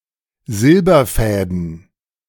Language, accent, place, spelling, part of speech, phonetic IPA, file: German, Germany, Berlin, Silberfäden, noun, [ˈzɪlbɐˌfɛːdn̩], De-Silberfäden.ogg
- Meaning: plural of Silberfaden